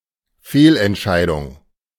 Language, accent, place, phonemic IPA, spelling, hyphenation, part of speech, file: German, Germany, Berlin, /ˈfeːlʔɛntˌʃaɪ̯dʊŋ/, Fehlentscheidung, Fehl‧ent‧schei‧dung, noun, De-Fehlentscheidung.ogg
- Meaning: wrong decision, misdecision